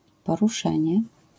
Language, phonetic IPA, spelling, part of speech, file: Polish, [ˌpɔruˈʃɛ̃ɲɛ], poruszenie, noun, LL-Q809 (pol)-poruszenie.wav